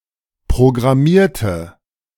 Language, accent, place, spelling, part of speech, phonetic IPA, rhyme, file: German, Germany, Berlin, programmierte, adjective / verb, [pʁoɡʁaˈmiːɐ̯tə], -iːɐ̯tə, De-programmierte.ogg
- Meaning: inflection of programmieren: 1. first/third-person singular preterite 2. first/third-person singular subjunctive II